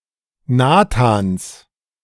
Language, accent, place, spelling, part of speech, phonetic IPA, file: German, Germany, Berlin, Nathans, noun, [ˈnaːtaːns], De-Nathans.ogg
- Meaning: genitive singular of Nathan